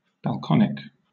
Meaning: Of or pertaining to balconies
- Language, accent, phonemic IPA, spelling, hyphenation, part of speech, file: English, Southern England, /ˈbælkənɪk/, balconic, bal‧con‧ic, adjective, LL-Q1860 (eng)-balconic.wav